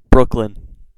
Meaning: A number of places in the United States: 1. A borough in New York City, New York. It is located on the western end of Long Island 2. A town in Windham County, Connecticut
- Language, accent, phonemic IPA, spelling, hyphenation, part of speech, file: English, General American, /ˈbɹʊk.lən/, Brooklyn, Brook‧lyn, proper noun, En-us-brooklyn.ogg